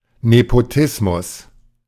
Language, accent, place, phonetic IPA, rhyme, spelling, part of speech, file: German, Germany, Berlin, [nepoˈtɪsmʊs], -ɪsmʊs, Nepotismus, noun, De-Nepotismus.ogg
- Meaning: nepotism